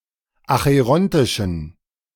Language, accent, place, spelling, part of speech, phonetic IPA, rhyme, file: German, Germany, Berlin, acherontischen, adjective, [axəˈʁɔntɪʃn̩], -ɔntɪʃn̩, De-acherontischen.ogg
- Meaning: inflection of acherontisch: 1. strong genitive masculine/neuter singular 2. weak/mixed genitive/dative all-gender singular 3. strong/weak/mixed accusative masculine singular 4. strong dative plural